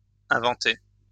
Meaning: past participle of inventer
- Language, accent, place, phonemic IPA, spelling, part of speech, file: French, France, Lyon, /ɛ̃.vɑ̃.te/, inventé, verb, LL-Q150 (fra)-inventé.wav